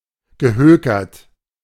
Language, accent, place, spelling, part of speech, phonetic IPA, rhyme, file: German, Germany, Berlin, gehökert, verb, [ɡəˈhøːkɐt], -øːkɐt, De-gehökert.ogg
- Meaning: past participle of hökern